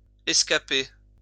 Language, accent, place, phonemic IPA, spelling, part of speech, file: French, France, Lyon, /ɛs.ka.pe/, escaper, verb, LL-Q150 (fra)-escaper.wav
- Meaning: to escape